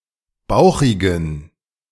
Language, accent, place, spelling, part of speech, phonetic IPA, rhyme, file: German, Germany, Berlin, bauchigen, adjective, [ˈbaʊ̯xɪɡn̩], -aʊ̯xɪɡn̩, De-bauchigen.ogg
- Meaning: inflection of bauchig: 1. strong genitive masculine/neuter singular 2. weak/mixed genitive/dative all-gender singular 3. strong/weak/mixed accusative masculine singular 4. strong dative plural